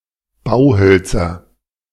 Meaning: nominative/accusative/genitive plural of Bauholz
- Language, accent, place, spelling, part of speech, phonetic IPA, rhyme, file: German, Germany, Berlin, Bauhölzer, noun, [ˈbaʊ̯ˌhœlt͡sɐ], -aʊ̯hœlt͡sɐ, De-Bauhölzer.ogg